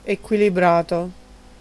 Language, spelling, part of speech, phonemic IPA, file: Italian, equilibrato, adjective / verb, /ekwiliˈbrato/, It-equilibrato.ogg